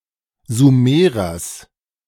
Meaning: genitive singular of Sumerer
- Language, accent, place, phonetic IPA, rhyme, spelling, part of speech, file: German, Germany, Berlin, [zuˈmeːʁɐs], -eːʁɐs, Sumerers, noun, De-Sumerers.ogg